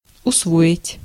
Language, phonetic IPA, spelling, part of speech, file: Russian, [ʊsˈvoɪtʲ], усвоить, verb, Ru-усвоить.ogg
- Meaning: 1. to master, to learn 2. to adopt (a habit or custom) 3. to digest, to assimilate